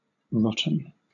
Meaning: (adjective) 1. Of perishable items, overridden with bacteria and other infectious agents 2. In a state of decay 3. Cruel, mean or immoral 4. Bad or terrible
- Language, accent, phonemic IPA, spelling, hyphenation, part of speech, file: English, Southern England, /ˈɹɒtn̩/, rotten, rot‧ten, adjective / adverb, LL-Q1860 (eng)-rotten.wav